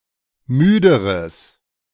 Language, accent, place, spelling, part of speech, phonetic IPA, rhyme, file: German, Germany, Berlin, müderes, adjective, [ˈmyːdəʁəs], -yːdəʁəs, De-müderes.ogg
- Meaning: strong/mixed nominative/accusative neuter singular comparative degree of müde